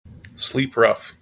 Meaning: Of a homeless person, to sleep outdoors, particularly as opposed to sleeping in a shelter or similar
- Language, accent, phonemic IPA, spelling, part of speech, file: English, General American, /ˌslip ˈɹʌf/, sleep rough, verb, En-us-sleep rough.mp3